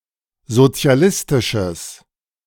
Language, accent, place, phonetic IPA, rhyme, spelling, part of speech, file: German, Germany, Berlin, [zot͡si̯aˈlɪstɪʃəs], -ɪstɪʃəs, sozialistisches, adjective, De-sozialistisches.ogg
- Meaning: strong/mixed nominative/accusative neuter singular of sozialistisch